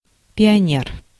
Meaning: pioneer
- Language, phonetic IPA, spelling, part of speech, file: Russian, [pʲɪɐˈnʲer], пионер, noun, Ru-пионер.ogg